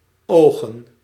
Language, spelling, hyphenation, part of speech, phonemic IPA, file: Dutch, ogen, ogen, verb / noun, /ˈoːɣə(n)/, Nl-ogen.ogg
- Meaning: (verb) 1. to look, to appear 2. to look intensely 3. to see, to view, to eye; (noun) plural of oog